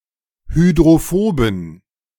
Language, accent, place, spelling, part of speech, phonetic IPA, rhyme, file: German, Germany, Berlin, hydrophoben, adjective, [hydʁoˈfoːbn̩], -oːbn̩, De-hydrophoben.ogg
- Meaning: inflection of hydrophob: 1. strong genitive masculine/neuter singular 2. weak/mixed genitive/dative all-gender singular 3. strong/weak/mixed accusative masculine singular 4. strong dative plural